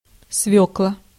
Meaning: beet (the root plant Beta vulgaris)
- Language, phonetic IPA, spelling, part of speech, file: Russian, [ˈsvʲɵkɫə], свёкла, noun, Ru-свёкла.ogg